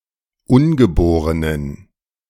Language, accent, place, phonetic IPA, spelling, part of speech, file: German, Germany, Berlin, [ˈʊnɡəˌboːʁənən], ungeborenen, adjective, De-ungeborenen.ogg
- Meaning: inflection of ungeboren: 1. strong genitive masculine/neuter singular 2. weak/mixed genitive/dative all-gender singular 3. strong/weak/mixed accusative masculine singular 4. strong dative plural